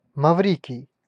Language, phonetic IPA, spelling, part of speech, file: Russian, [mɐˈvrʲikʲɪj], Маврикий, proper noun, Ru-Маврикий.ogg
- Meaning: 1. Mauritius (a country in the Indian Ocean, east of East Africa and Madagascar) 2. Mauritius (the main island of the country of Mauritius)